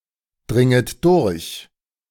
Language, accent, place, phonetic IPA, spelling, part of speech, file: German, Germany, Berlin, [ˌdʁɪŋət ˈdʊʁç], dringet durch, verb, De-dringet durch.ogg
- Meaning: second-person plural subjunctive I of durchdringen